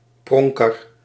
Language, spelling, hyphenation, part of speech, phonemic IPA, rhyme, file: Dutch, pronker, pron‧ker, noun, /ˈprɔŋ.kər/, -ɔŋkər, Nl-pronker.ogg
- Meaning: 1. a show-off 2. a dandy